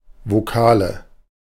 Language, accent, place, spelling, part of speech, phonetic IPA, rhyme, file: German, Germany, Berlin, Vokale, noun, [voˈkaːlə], -aːlə, De-Vokale.ogg
- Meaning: nominative/accusative/genitive plural of Vokal